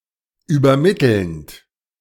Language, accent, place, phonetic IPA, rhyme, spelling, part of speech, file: German, Germany, Berlin, [yːbɐˈmɪtl̩nt], -ɪtl̩nt, übermittelnd, verb, De-übermittelnd.ogg
- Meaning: present participle of übermitteln